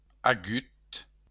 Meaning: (adjective) sharp; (verb) past participle of aver
- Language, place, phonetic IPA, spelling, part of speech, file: Occitan, Béarn, [aˈɣyt], agut, adjective / verb, LL-Q14185 (oci)-agut.wav